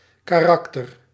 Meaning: 1. a character, standardized graphic symbol, such as a letter of an alphabet or a numeric digit 2. a character; a role, often conventionalised, in theatre 3. a nature, a character
- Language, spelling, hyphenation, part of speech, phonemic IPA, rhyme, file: Dutch, karakter, ka‧rak‧ter, noun, /ˌkaːˈrɑk.tər/, -ɑktər, Nl-karakter.ogg